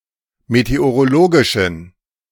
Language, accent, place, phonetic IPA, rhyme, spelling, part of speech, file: German, Germany, Berlin, [meteoʁoˈloːɡɪʃn̩], -oːɡɪʃn̩, meteorologischen, adjective, De-meteorologischen.ogg
- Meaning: inflection of meteorologisch: 1. strong genitive masculine/neuter singular 2. weak/mixed genitive/dative all-gender singular 3. strong/weak/mixed accusative masculine singular 4. strong dative plural